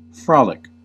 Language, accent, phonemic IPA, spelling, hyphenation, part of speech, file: English, US, /ˈfɹɑlɪk/, frolic, frol‧ic, adjective / verb / noun, En-us-frolic.ogg
- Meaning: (adjective) 1. Merry, joyous, full of mirth; later especially, frolicsome, sportive, full of playful mischief 2. Free; liberal; bountiful; generous